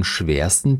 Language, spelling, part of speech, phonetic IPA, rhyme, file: German, schwersten, adjective, [ˈʃveːɐ̯stn̩], -eːɐ̯stn̩, De-schwersten.ogg
- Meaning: 1. superlative degree of schwer 2. inflection of schwer: strong genitive masculine/neuter singular superlative degree